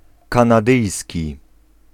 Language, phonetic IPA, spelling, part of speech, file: Polish, [ˌkãnaˈdɨjsʲci], kanadyjski, adjective, Pl-kanadyjski.ogg